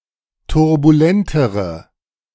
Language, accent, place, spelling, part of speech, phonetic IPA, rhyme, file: German, Germany, Berlin, turbulentere, adjective, [tʊʁbuˈlɛntəʁə], -ɛntəʁə, De-turbulentere.ogg
- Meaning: inflection of turbulent: 1. strong/mixed nominative/accusative feminine singular comparative degree 2. strong nominative/accusative plural comparative degree